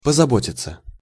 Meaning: 1. to care, to take care, to look after 2. to worry, to be anxious, to trouble 3. passive of позабо́тить (pozabótitʹ)
- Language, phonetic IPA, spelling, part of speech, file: Russian, [pəzɐˈbotʲɪt͡sə], позаботиться, verb, Ru-позаботиться.ogg